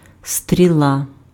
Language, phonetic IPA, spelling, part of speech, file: Ukrainian, [stʲrʲiˈɫa], стріла, noun, Uk-стріла.ogg
- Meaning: arrow (projectile)